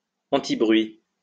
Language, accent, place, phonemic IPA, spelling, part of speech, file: French, France, Lyon, /ɑ̃.ti.bʁɥi/, antibruit, adjective, LL-Q150 (fra)-antibruit.wav
- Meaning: antinoise (that muffles sound)